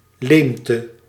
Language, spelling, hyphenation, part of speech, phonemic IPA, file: Dutch, leemte, leem‧te, noun, /ˈleːm.tə/, Nl-leemte.ogg
- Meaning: hole, gap, omission, void